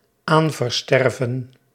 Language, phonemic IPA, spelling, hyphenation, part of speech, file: Dutch, /ˈaːn.vərˌstɛr.və(n)/, aanversterven, aan‧ver‧ster‧ven, verb, Nl-aanversterven.ogg
- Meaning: to be transferred in inheritance, to be inherited